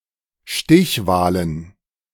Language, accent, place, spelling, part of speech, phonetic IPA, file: German, Germany, Berlin, Stichwahlen, noun, [ˈʃtɪçˌvaːlən], De-Stichwahlen.ogg
- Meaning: plural of Stichwahl